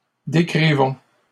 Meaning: inflection of décrire: 1. first-person plural present indicative 2. first-person plural imperative
- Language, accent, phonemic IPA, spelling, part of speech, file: French, Canada, /de.kʁi.vɔ̃/, décrivons, verb, LL-Q150 (fra)-décrivons.wav